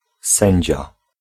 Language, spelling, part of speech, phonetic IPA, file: Polish, sędzia, noun, [ˈsɛ̃ɲd͡ʑa], Pl-sędzia.ogg